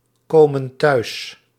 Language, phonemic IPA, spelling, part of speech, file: Dutch, /ˈkomə(n) ˈtœys/, komen thuis, verb, Nl-komen thuis.ogg
- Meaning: inflection of thuiskomen: 1. plural present indicative 2. plural present subjunctive